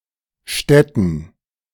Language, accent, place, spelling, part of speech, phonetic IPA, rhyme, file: German, Germany, Berlin, Stätten, noun, [ˈʃtɛtn̩], -ɛtn̩, De-Stätten.ogg
- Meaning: plural of Stätte